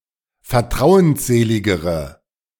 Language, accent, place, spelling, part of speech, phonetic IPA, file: German, Germany, Berlin, vertrauensseligere, adjective, [fɛɐ̯ˈtʁaʊ̯ənsˌzeːlɪɡəʁə], De-vertrauensseligere.ogg
- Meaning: inflection of vertrauensselig: 1. strong/mixed nominative/accusative feminine singular comparative degree 2. strong nominative/accusative plural comparative degree